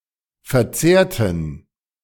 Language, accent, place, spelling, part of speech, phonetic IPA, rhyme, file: German, Germany, Berlin, verzehrten, adjective / verb, [fɛɐ̯ˈt͡seːɐ̯tn̩], -eːɐ̯tn̩, De-verzehrten.ogg
- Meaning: inflection of verzehrt: 1. strong genitive masculine/neuter singular 2. weak/mixed genitive/dative all-gender singular 3. strong/weak/mixed accusative masculine singular 4. strong dative plural